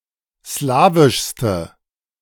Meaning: inflection of slawisch: 1. strong/mixed nominative/accusative feminine singular superlative degree 2. strong nominative/accusative plural superlative degree
- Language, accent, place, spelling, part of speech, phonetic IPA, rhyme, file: German, Germany, Berlin, slawischste, adjective, [ˈslaːvɪʃstə], -aːvɪʃstə, De-slawischste.ogg